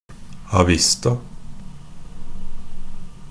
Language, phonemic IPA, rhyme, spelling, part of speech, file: Norwegian Bokmål, /aˈʋɪsta/, -ɪsta, a vista, adverb, NB - Pronunciation of Norwegian Bokmål «a vista».ogg
- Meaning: 1. upon showing, upon presentation 2. shortening of prima vista or a prima vista (“without rehearsal”)